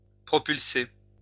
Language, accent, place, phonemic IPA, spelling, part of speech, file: French, France, Lyon, /pʁɔ.pyl.se/, propulser, verb, LL-Q150 (fra)-propulser.wav
- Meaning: to propel; to propulse